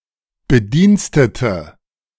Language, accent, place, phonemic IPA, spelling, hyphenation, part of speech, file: German, Germany, Berlin, /bəˈdiːnstətə/, Bedienstete, Be‧diens‧te‧te, noun, De-Bedienstete.ogg
- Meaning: 1. female equivalent of Bediensteter: female employee, female staff member 2. female equivalent of Bediensteter: female servant 3. inflection of Bediensteter: strong nominative/accusative plural